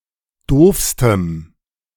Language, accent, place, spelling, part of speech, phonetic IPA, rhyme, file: German, Germany, Berlin, doofstem, adjective, [ˈdoːfstəm], -oːfstəm, De-doofstem.ogg
- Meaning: strong dative masculine/neuter singular superlative degree of doof